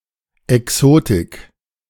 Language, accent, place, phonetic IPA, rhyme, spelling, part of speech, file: German, Germany, Berlin, [ɛˈksoːtɪk], -oːtɪk, Exotik, noun, De-Exotik.ogg
- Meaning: exoticism